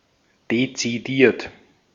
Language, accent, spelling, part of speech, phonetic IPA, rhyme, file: German, Austria, dezidiert, adjective / verb, [det͡siˈdiːɐ̯t], -iːɐ̯t, De-at-dezidiert.ogg
- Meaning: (verb) past participle of dezidieren; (adjective) determined, decided